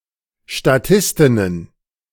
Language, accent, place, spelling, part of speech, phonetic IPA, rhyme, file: German, Germany, Berlin, Statistinnen, noun, [ʃtaˈtɪstɪnən], -ɪstɪnən, De-Statistinnen.ogg
- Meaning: plural of Statistin